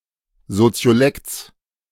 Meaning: genitive of Soziolekt
- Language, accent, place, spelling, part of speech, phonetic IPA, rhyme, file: German, Germany, Berlin, Soziolekts, noun, [zot͡si̯oˈlɛkt͡s], -ɛkt͡s, De-Soziolekts.ogg